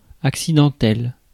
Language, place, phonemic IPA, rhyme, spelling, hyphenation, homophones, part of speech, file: French, Paris, /ak.si.dɑ̃.tɛl/, -ɛl, accidentel, ac‧ci‧den‧tel, accidentelle / accidentelles / accidentels, adjective, Fr-accidentel.ogg
- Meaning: accidental (happening by chance)